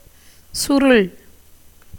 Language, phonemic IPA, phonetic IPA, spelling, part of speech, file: Tamil, /tʃʊɾʊɭ/, [sʊɾʊɭ], சுருள், verb / noun, Ta-சுருள்.ogg
- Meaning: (verb) 1. to become coiled; to roll, curl 2. to shrivel, shrink, as leaf 3. to droop, as from heat, hunger 4. to be reduced to severe straits; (noun) 1. rolling 2. curliness